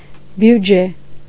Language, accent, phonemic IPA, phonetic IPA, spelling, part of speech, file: Armenian, Eastern Armenian, /bjuˈd͡ʒe/, [bjud͡ʒé], բյուջե, noun, Hy-բյուջե.ogg
- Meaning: budget